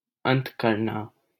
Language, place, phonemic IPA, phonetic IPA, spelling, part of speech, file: Hindi, Delhi, /ənt̪ kəɾ.nɑː/, [ɐ̃n̪t̪‿kɐɾ.näː], अंत करना, verb, LL-Q1568 (hin)-अंत करना.wav
- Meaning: to end, finish, terminate